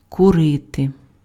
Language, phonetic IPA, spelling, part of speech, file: Ukrainian, [kʊˈrɪte], курити, verb, Uk-курити.ogg
- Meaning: 1. to smoke (tobacco etc.): to burn, to fumigate 2. to smoke (tobacco etc.): to distil 3. to smoke (tobacco etc.): to carouse 4. to do something while raising dust: to run while raising dust